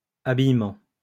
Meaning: 1. clothing 2. vestment
- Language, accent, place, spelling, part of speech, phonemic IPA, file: French, France, Lyon, habillement, noun, /a.bij.mɑ̃/, LL-Q150 (fra)-habillement.wav